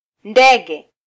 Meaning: 1. bird (animal) 2. aeroplane/airplane 3. omen
- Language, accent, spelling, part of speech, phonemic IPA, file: Swahili, Kenya, ndege, noun, /ˈⁿdɛ.ɠɛ/, Sw-ke-ndege.flac